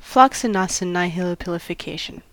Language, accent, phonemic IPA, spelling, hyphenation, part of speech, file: English, US, /ˌflɒksɪˌnɑsɪˌn(a)ɪhɪlɪˌpɪlɪfɪˈkeɪʃən/, floccinaucinihilipilification, flocci‧nauci‧ni‧hili‧pili‧fi‧ca‧tion, noun, En-us-floccinaucinihilipilification.ogg
- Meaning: The act or habit of describing or regarding something as unimportant, of having no value or being worthless